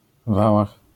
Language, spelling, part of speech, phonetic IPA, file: Polish, wałach, noun, [ˈvawax], LL-Q809 (pol)-wałach.wav